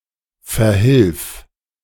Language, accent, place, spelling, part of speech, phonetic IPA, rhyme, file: German, Germany, Berlin, verhilf, verb, [fɛɐ̯ˈhɪlf], -ɪlf, De-verhilf.ogg
- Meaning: singular imperative of verhelfen